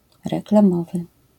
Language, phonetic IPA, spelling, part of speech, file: Polish, [ˌrɛklãˈmɔvɨ], reklamowy, adjective, LL-Q809 (pol)-reklamowy.wav